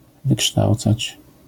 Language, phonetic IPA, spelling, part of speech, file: Polish, [vɨˈkʃtawt͡sat͡ɕ], wykształcać, verb, LL-Q809 (pol)-wykształcać.wav